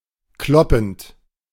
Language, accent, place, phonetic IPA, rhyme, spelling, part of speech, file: German, Germany, Berlin, [ˈklɔpn̩t], -ɔpn̩t, kloppend, verb, De-kloppend.ogg
- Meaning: present participle of kloppen